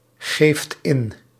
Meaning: inflection of ingeven: 1. second/third-person singular present indicative 2. plural imperative
- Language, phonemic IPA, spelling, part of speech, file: Dutch, /ˈɣeft ˈɪn/, geeft in, verb, Nl-geeft in.ogg